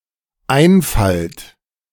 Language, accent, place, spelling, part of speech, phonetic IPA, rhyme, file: German, Germany, Berlin, einfallt, verb, [ˈaɪ̯nˌfalt], -aɪ̯nfalt, De-einfallt.ogg
- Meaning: second-person plural dependent present of einfallen